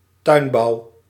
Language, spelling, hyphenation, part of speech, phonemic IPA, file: Dutch, tuinbouw, tuin‧bouw, noun, /ˈtœy̯n.bɑu̯/, Nl-tuinbouw.ogg